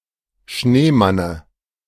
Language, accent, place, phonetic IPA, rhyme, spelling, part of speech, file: German, Germany, Berlin, [ˈʃneːˌmanə], -eːmanə, Schneemanne, noun, De-Schneemanne.ogg
- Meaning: dative of Schneemann